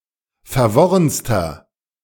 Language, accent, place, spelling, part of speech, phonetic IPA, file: German, Germany, Berlin, verworrenster, adjective, [fɛɐ̯ˈvɔʁənstɐ], De-verworrenster.ogg
- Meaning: inflection of verworren: 1. strong/mixed nominative masculine singular superlative degree 2. strong genitive/dative feminine singular superlative degree 3. strong genitive plural superlative degree